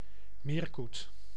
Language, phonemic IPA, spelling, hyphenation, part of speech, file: Dutch, /ˈmeːr.kut/, meerkoet, meer‧koet, noun, Nl-meerkoet.ogg
- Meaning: Eurasian coot (Fulica atra)